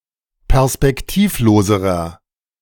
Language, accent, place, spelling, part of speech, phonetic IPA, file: German, Germany, Berlin, perspektivloserer, adjective, [pɛʁspɛkˈtiːfˌloːzəʁɐ], De-perspektivloserer.ogg
- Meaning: inflection of perspektivlos: 1. strong/mixed nominative masculine singular comparative degree 2. strong genitive/dative feminine singular comparative degree